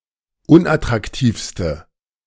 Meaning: inflection of unattraktiv: 1. strong/mixed nominative/accusative feminine singular superlative degree 2. strong nominative/accusative plural superlative degree
- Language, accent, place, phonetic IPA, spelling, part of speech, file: German, Germany, Berlin, [ˈʊnʔatʁakˌtiːfstə], unattraktivste, adjective, De-unattraktivste.ogg